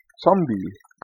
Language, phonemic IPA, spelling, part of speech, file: German, /ˈt͡sɔmbi/, Zombie, noun, De-Zombie.ogg
- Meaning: zombie